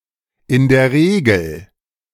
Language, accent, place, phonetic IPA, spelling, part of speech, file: German, Germany, Berlin, [ɪn deːɐ̯ ˈʁeːɡl̩], in der Regel, phrase, De-in der Regel.ogg
- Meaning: as a rule, usually